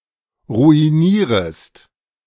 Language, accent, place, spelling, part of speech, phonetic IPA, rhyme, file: German, Germany, Berlin, ruinierest, verb, [ʁuiˈniːʁəst], -iːʁəst, De-ruinierest.ogg
- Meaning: second-person singular subjunctive I of ruinieren